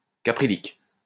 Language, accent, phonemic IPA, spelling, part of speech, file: French, France, /ka.pʁi.lik/, caprylique, adjective, LL-Q150 (fra)-caprylique.wav
- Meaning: caprylic